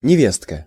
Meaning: 1. woman's daughter-in-law 2. sister-in-law (the wife of one's brother or brother-in-law)
- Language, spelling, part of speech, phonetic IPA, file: Russian, невестка, noun, [nʲɪˈvʲes(t)kə], Ru-невестка.ogg